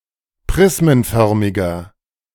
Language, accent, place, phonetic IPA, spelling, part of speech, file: German, Germany, Berlin, [ˈpʁɪsmənˌfœʁmɪɡɐ], prismenförmiger, adjective, De-prismenförmiger.ogg
- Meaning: inflection of prismenförmig: 1. strong/mixed nominative masculine singular 2. strong genitive/dative feminine singular 3. strong genitive plural